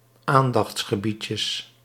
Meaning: plural of aandachtsgebiedje
- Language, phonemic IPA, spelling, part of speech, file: Dutch, /ˈandɑx(t)sxəˌbicəs/, aandachtsgebiedjes, noun, Nl-aandachtsgebiedjes.ogg